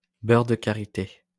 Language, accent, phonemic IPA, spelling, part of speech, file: French, France, /bœʁ də ka.ʁi.te/, beurre de karité, noun, LL-Q150 (fra)-beurre de karité.wav
- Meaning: shea butter